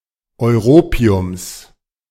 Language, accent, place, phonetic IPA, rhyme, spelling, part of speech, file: German, Germany, Berlin, [ɔɪ̯ˈʁoːpi̯ʊms], -oːpi̯ʊms, Europiums, noun, De-Europiums.ogg
- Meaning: genitive singular of Europium